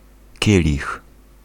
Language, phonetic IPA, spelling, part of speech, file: Polish, [ˈcɛlʲix], kielich, noun, Pl-kielich.ogg